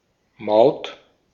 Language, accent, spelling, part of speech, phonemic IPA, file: German, Austria, Maut, noun, /maʊ̯t/, De-at-Maut.ogg
- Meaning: 1. toll (for a road, tunnel etc.) 2. toll, customs, duty